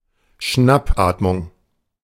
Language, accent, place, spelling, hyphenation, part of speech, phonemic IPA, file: German, Germany, Berlin, Schnappatmung, Schnapp‧at‧mung, noun, /ˈʃnapˌʔaːtmʊŋ/, De-Schnappatmung.ogg
- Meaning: agonal respiration